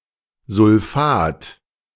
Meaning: sulfate / sulphate
- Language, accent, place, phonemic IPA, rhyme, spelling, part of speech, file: German, Germany, Berlin, /zʊlˈfaːt/, -aːt, Sulfat, noun, De-Sulfat.ogg